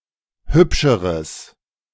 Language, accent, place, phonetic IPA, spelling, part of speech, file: German, Germany, Berlin, [ˈhʏpʃəʁəs], hübscheres, adjective, De-hübscheres.ogg
- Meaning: strong/mixed nominative/accusative neuter singular comparative degree of hübsch